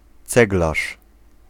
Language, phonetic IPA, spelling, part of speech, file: Polish, [ˈt͡sɛɡlaʃ], ceglarz, noun, Pl-ceglarz.ogg